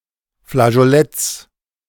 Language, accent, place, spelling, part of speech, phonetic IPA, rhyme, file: German, Germany, Berlin, Flageoletts, noun, [flaʒoˈlɛt͡s], -ɛt͡s, De-Flageoletts.ogg
- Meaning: plural of Flageolett